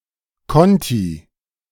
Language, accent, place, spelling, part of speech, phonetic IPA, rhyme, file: German, Germany, Berlin, Konti, noun, [ˈkɔnti], -ɔnti, De-Konti.ogg
- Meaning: 1. nominative plural of Konto 2. genitive plural of Konto 3. dative plural of Konto 4. accusative plural of Konto